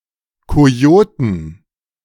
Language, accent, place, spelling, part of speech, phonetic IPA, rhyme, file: German, Germany, Berlin, Kojoten, noun, [ˌkoˈjoːtn̩], -oːtn̩, De-Kojoten.ogg
- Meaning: 1. genitive singular of Kojote 2. plural of Kojote